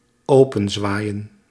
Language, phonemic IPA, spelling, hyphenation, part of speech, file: Dutch, /ˈoː.pə(n)ˌzʋaːi̯.ə(n)/, openzwaaien, open‧zwaa‧ien, verb, Nl-openzwaaien.ogg
- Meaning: to swing open